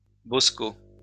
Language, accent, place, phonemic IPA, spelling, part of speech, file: French, France, Lyon, /bɔs.ko/, bosco, noun, LL-Q150 (fra)-bosco.wav
- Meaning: boatswain, skipper